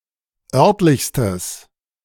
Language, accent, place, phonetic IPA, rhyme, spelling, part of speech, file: German, Germany, Berlin, [ˈœʁtlɪçstəs], -œʁtlɪçstəs, örtlichstes, adjective, De-örtlichstes.ogg
- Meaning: strong/mixed nominative/accusative neuter singular superlative degree of örtlich